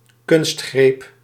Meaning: artificial device, ploy, trick
- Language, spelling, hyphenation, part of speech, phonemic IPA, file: Dutch, kunstgreep, kunst‧greep, noun, /ˈkʏnst.xreːp/, Nl-kunstgreep.ogg